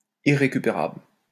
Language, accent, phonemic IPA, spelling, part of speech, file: French, France, /i.ʁe.ky.pe.ʁabl/, irrécupérable, adjective, LL-Q150 (fra)-irrécupérable.wav
- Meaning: 1. irretrievable, unreclaimable, unsalvageable 2. beyond help, beyond redemption, unredeemable